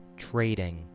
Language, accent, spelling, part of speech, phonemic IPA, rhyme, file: English, US, trading, verb / adjective / noun, /ˈtɹeɪdɪŋ/, -eɪdɪŋ, En-us-trading.ogg
- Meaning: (verb) present participle and gerund of trade; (adjective) 1. Carrying on trade or commerce; engaged in trade 2. Frequented by traders 3. Venal; corrupt; jobbing; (noun) The carrying on of trade